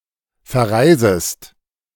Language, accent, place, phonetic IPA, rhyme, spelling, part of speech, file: German, Germany, Berlin, [fɛɐ̯ˈʁaɪ̯zəst], -aɪ̯zəst, verreisest, verb, De-verreisest.ogg
- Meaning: second-person singular subjunctive I of verreisen